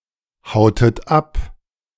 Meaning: inflection of abhauen: 1. second-person plural preterite 2. second-person plural subjunctive II
- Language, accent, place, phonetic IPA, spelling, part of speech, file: German, Germany, Berlin, [ˌhaʊ̯tət ˈap], hautet ab, verb, De-hautet ab.ogg